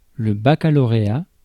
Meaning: 1. baccalaureat (≈ A-level, high school diploma) 2. bachelor's degree
- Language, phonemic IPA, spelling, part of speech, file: French, /ba.ka.lɔ.ʁe.a/, baccalauréat, noun, Fr-baccalauréat.ogg